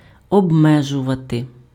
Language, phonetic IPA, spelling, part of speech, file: Ukrainian, [ɔbˈmɛʒʊʋɐte], обмежувати, verb, Uk-обмежувати.ogg
- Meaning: to limit, to restrict, to confine